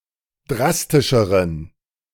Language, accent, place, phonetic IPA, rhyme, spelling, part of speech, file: German, Germany, Berlin, [ˈdʁastɪʃəʁən], -astɪʃəʁən, drastischeren, adjective, De-drastischeren.ogg
- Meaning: inflection of drastisch: 1. strong genitive masculine/neuter singular comparative degree 2. weak/mixed genitive/dative all-gender singular comparative degree